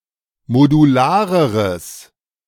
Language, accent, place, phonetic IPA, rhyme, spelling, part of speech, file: German, Germany, Berlin, [moduˈlaːʁəʁəs], -aːʁəʁəs, modulareres, adjective, De-modulareres.ogg
- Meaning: strong/mixed nominative/accusative neuter singular comparative degree of modular